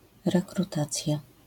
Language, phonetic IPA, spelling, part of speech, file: Polish, [ˌrɛkruˈtat͡sʲja], rekrutacja, noun, LL-Q809 (pol)-rekrutacja.wav